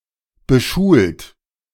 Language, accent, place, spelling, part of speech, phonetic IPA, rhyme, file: German, Germany, Berlin, beschult, verb, [bəˈʃuːlt], -uːlt, De-beschult.ogg
- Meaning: 1. past participle of beschulen 2. inflection of beschulen: second-person plural present 3. inflection of beschulen: third-person singular present 4. inflection of beschulen: plural imperative